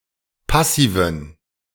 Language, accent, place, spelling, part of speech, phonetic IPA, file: German, Germany, Berlin, Passiven, noun, [ˈpasiːvən], De-Passiven.ogg
- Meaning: dative plural of Passiv